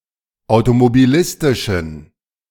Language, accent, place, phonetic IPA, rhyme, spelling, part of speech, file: German, Germany, Berlin, [aʊ̯tomobiˈlɪstɪʃn̩], -ɪstɪʃn̩, automobilistischen, adjective, De-automobilistischen.ogg
- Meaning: inflection of automobilistisch: 1. strong genitive masculine/neuter singular 2. weak/mixed genitive/dative all-gender singular 3. strong/weak/mixed accusative masculine singular